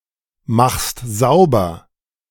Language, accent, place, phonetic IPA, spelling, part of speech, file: German, Germany, Berlin, [ˌmaxst ˈzaʊ̯bɐ], machst sauber, verb, De-machst sauber.ogg
- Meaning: second-person singular present of saubermachen